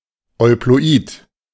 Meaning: euploid
- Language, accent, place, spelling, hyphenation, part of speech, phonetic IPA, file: German, Germany, Berlin, euploid, eu‧plo‧id, adjective, [ɔɪ̯ploˈʔiːt], De-euploid.ogg